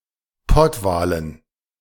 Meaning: dative plural of Pottwal
- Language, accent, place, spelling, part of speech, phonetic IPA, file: German, Germany, Berlin, Pottwalen, noun, [ˈpɔtˌvaːlən], De-Pottwalen.ogg